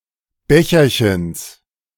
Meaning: genitive of Becherchen
- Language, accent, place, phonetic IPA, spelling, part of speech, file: German, Germany, Berlin, [ˈbɛçɐçəns], Becherchens, noun, De-Becherchens.ogg